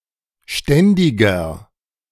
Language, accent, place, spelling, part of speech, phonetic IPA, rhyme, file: German, Germany, Berlin, ständiger, adjective, [ˈʃtɛndɪɡɐ], -ɛndɪɡɐ, De-ständiger.ogg
- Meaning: inflection of ständig: 1. strong/mixed nominative masculine singular 2. strong genitive/dative feminine singular 3. strong genitive plural